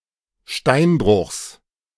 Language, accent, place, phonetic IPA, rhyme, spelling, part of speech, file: German, Germany, Berlin, [ˈʃtaɪ̯nˌbʁʊxs], -aɪ̯nbʁʊxs, Steinbruchs, noun, De-Steinbruchs.ogg
- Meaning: genitive singular of Steinbruch